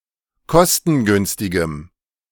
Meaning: strong dative masculine/neuter singular of kostengünstig
- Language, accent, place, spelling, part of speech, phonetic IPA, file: German, Germany, Berlin, kostengünstigem, adjective, [ˈkɔstn̩ˌɡʏnstɪɡəm], De-kostengünstigem.ogg